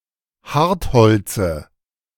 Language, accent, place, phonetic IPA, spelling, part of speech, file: German, Germany, Berlin, [ˈhaʁtˌhɔlt͡sə], Hartholze, noun, De-Hartholze.ogg
- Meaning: dative singular of Hartholz